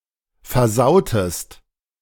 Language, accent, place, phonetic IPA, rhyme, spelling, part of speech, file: German, Germany, Berlin, [fɛɐ̯ˈzaʊ̯təst], -aʊ̯təst, versautest, verb, De-versautest.ogg
- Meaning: inflection of versauen: 1. second-person singular preterite 2. second-person singular subjunctive II